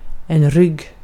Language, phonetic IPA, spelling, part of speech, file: Swedish, [rʏɡ], rygg, noun, Sv-rygg.ogg
- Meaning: 1. back; the rear of the body; especially the part between the neck and the end of the spine 2. ridge; the line along which two sloping surfaces meet 3. rear 4. spine; the hinged back of a book